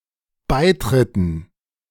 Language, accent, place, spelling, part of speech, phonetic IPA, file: German, Germany, Berlin, Beitritten, noun, [ˈbaɪ̯ˌtʁɪtn̩], De-Beitritten.ogg
- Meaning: dative plural of Beitritt